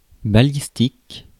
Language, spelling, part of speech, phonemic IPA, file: French, balistique, adjective / noun, /ba.lis.tik/, Fr-balistique.ogg
- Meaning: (adjective) ballistic; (noun) ballistics